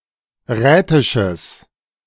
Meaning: strong/mixed nominative/accusative neuter singular of rätisch
- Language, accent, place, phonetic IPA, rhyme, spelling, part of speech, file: German, Germany, Berlin, [ˈʁɛːtɪʃəs], -ɛːtɪʃəs, rätisches, adjective, De-rätisches.ogg